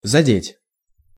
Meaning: 1. to touch, to brush (against) 2. to be caught, to hit, to strike 3. to touch (upon) 4. to affect, to offend, to hurt 5. to affect
- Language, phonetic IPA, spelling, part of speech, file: Russian, [zɐˈdʲetʲ], задеть, verb, Ru-задеть.ogg